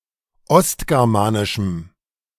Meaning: strong dative masculine/neuter singular of ostgermanisch
- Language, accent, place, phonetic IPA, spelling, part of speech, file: German, Germany, Berlin, [ˈɔstɡɛʁmaːnɪʃm̩], ostgermanischem, adjective, De-ostgermanischem.ogg